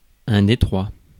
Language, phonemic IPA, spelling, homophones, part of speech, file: French, /de.tʁwa/, détroit, Detroit / Détroit, noun, Fr-détroit.ogg
- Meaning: strait (narrow channel of water)